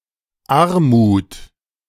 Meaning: poverty
- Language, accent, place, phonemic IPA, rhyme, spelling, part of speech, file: German, Germany, Berlin, /ˈaʁmuːt/, -uːt, Armut, noun, De-Armut.ogg